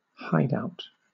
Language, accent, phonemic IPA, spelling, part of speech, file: English, Southern England, /ˈhaɪdˌaʊt/, hideout, noun, LL-Q1860 (eng)-hideout.wav
- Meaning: 1. A place to hide 2. A hidden headquarters or place to return to